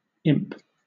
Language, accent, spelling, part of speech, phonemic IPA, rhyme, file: English, Southern England, imp, verb / noun, /ɪmp/, -ɪmp, LL-Q1860 (eng)-imp.wav
- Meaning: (verb) 1. To engraft or plant (a plant or part of one, a sapling, etc.) 2. To graft or implant (something other than a plant); to fix or set (something) in